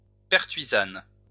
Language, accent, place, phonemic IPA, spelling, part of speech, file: French, France, Lyon, /pɛʁ.tɥi.zan/, pertuisane, noun, LL-Q150 (fra)-pertuisane.wav
- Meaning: partisan (kind of halberd)